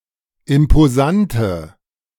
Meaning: inflection of imposant: 1. strong/mixed nominative/accusative feminine singular 2. strong nominative/accusative plural 3. weak nominative all-gender singular
- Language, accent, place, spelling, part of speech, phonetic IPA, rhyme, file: German, Germany, Berlin, imposante, adjective, [ɪmpoˈzantə], -antə, De-imposante.ogg